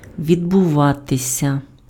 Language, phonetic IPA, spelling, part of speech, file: Ukrainian, [ʋʲidbʊˈʋatesʲɐ], відбуватися, verb, Uk-відбуватися.ogg
- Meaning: to happen, to occur, to take place, to come about, to go on